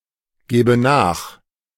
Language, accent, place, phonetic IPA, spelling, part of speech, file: German, Germany, Berlin, [ˌɡeːbə ˈnaːx], gebe nach, verb, De-gebe nach.ogg
- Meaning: inflection of nachgeben: 1. first-person singular present 2. first/third-person singular subjunctive I